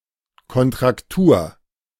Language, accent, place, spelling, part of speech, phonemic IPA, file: German, Germany, Berlin, Kontraktur, noun, /kɔntʁakˈtuːɐ̯/, De-Kontraktur.ogg
- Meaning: contracture